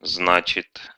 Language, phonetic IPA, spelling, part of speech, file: Russian, [ˈznat͡ɕɪt], значит, verb / particle, Ru-зна́чит.ogg
- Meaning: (verb) third-person singular present indicative imperfective of зна́чить (znáčitʹ, “to mean”); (particle) so, then, well, therefore